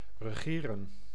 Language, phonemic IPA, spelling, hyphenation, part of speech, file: Dutch, /rəˈɣeː.rə(n)/, regeren, re‧ge‧ren, verb, Nl-regeren.ogg
- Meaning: 1. to reign, be on the throne with or without political power 2. to rule, govern 3. to control, to conduct, to direct, to govern